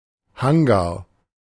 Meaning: hangar
- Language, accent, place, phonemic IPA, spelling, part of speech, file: German, Germany, Berlin, /ˈhaŋɡa(ː)r/, Hangar, noun, De-Hangar.ogg